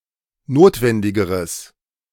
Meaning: strong/mixed nominative/accusative neuter singular comparative degree of notwendig
- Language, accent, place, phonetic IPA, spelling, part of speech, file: German, Germany, Berlin, [ˈnoːtvɛndɪɡəʁəs], notwendigeres, adjective, De-notwendigeres.ogg